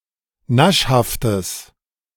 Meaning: strong/mixed nominative/accusative neuter singular of naschhaft
- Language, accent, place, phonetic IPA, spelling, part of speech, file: German, Germany, Berlin, [ˈnaʃhaftəs], naschhaftes, adjective, De-naschhaftes.ogg